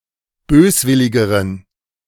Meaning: inflection of böswillig: 1. strong genitive masculine/neuter singular comparative degree 2. weak/mixed genitive/dative all-gender singular comparative degree
- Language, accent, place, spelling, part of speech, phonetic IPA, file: German, Germany, Berlin, böswilligeren, adjective, [ˈbøːsˌvɪlɪɡəʁən], De-böswilligeren.ogg